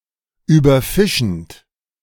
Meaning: present participle of überfischen
- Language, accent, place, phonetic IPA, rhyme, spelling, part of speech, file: German, Germany, Berlin, [yːbɐˈfɪʃn̩t], -ɪʃn̩t, überfischend, verb, De-überfischend.ogg